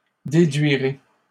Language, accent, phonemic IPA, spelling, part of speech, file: French, Canada, /de.dɥi.ʁe/, déduirai, verb, LL-Q150 (fra)-déduirai.wav
- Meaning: first-person singular simple future of déduire